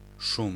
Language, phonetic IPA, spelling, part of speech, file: Polish, [ʃũm], szum, noun, Pl-szum.ogg